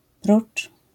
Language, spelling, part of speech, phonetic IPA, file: Polish, prócz, preposition, [prut͡ʃ], LL-Q809 (pol)-prócz.wav